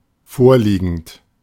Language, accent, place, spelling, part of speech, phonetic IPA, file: German, Germany, Berlin, vorliegend, adjective / verb, [ˈfoːɐ̯ˌliːɡn̩t], De-vorliegend.ogg
- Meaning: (verb) present participle of vorliegen; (adjective) 1. given, present, this (currently at hand or considered) 2. given, available, existing (currently known or registered)